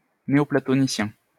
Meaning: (adjective) Neoplatonic, Neoplatonist; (noun) Neoplatonist
- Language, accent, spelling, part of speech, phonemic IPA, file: French, France, néoplatonicien, adjective / noun, /ne.ɔ.pla.tɔ.ni.sjɛ̃/, LL-Q150 (fra)-néoplatonicien.wav